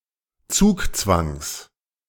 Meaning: genitive singular of Zugzwang
- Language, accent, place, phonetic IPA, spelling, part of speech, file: German, Germany, Berlin, [ˈt͡suːkˌt͡svaŋs], Zugzwangs, noun, De-Zugzwangs.ogg